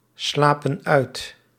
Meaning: inflection of uitslapen: 1. plural present indicative 2. plural present subjunctive
- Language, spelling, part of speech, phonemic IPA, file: Dutch, slapen uit, verb, /ˈslapə(n) ˈœyt/, Nl-slapen uit.ogg